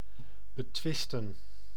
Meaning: to challenge, to dispute
- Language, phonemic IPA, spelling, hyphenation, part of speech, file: Dutch, /bəˈtʋɪstə(n)/, betwisten, be‧twis‧ten, verb, Nl-betwisten.ogg